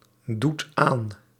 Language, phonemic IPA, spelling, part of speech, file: Dutch, /ˈdut ˈan/, doet aan, verb, Nl-doet aan.ogg
- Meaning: inflection of aandoen: 1. second/third-person singular present indicative 2. plural imperative